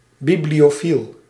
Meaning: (noun) bibliophile; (adjective) bibliophilic, pertaining to bibliophilia or bibliophiles
- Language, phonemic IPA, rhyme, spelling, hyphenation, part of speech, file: Dutch, /ˌbiblioːˈfil/, -il, bibliofiel, bi‧blio‧fiel, noun / adjective, Nl-bibliofiel.ogg